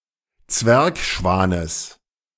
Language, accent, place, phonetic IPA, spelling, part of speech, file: German, Germany, Berlin, [ˈt͡svɛʁkˌʃvaːnəs], Zwergschwanes, noun, De-Zwergschwanes.ogg
- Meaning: genitive singular of Zwergschwan